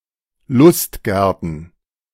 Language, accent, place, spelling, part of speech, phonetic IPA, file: German, Germany, Berlin, Lustgärten, noun, [ˈlʊstˌɡɛʁtn̩], De-Lustgärten.ogg
- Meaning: plural of Lustgarten